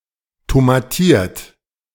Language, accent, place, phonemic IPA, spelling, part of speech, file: German, Germany, Berlin, /tomaˈtiːɐ̯t/, tomatiert, verb / adjective, De-tomatiert.ogg
- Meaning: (verb) past participle of tomatieren; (adjective) “tomatoed” (made with tomato paste); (verb) inflection of tomatieren: 1. third-person singular present 2. second-person plural present